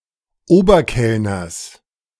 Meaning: genitive singular of Oberkellner
- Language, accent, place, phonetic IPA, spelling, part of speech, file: German, Germany, Berlin, [ˈoːbɐˌkɛlnɐs], Oberkellners, noun, De-Oberkellners.ogg